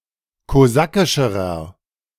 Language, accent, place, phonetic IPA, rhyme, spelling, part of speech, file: German, Germany, Berlin, [koˈzakɪʃəʁɐ], -akɪʃəʁɐ, kosakischerer, adjective, De-kosakischerer.ogg
- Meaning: inflection of kosakisch: 1. strong/mixed nominative masculine singular comparative degree 2. strong genitive/dative feminine singular comparative degree 3. strong genitive plural comparative degree